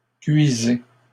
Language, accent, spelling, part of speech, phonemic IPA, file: French, Canada, cuisez, verb, /kɥi.ze/, LL-Q150 (fra)-cuisez.wav
- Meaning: inflection of cuire: 1. second-person plural present indicative 2. second-person plural imperative